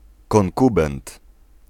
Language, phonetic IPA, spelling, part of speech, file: Polish, [kɔ̃ŋˈkubɛ̃nt], konkubent, noun, Pl-konkubent.ogg